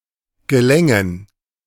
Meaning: first/third-person plural subjunctive II of gelingen
- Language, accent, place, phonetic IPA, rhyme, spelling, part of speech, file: German, Germany, Berlin, [ɡəˈlɛŋən], -ɛŋən, gelängen, verb, De-gelängen.ogg